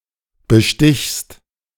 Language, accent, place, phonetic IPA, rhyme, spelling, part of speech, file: German, Germany, Berlin, [bəˈʃtɪçst], -ɪçst, bestichst, verb, De-bestichst.ogg
- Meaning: second-person singular present of bestechen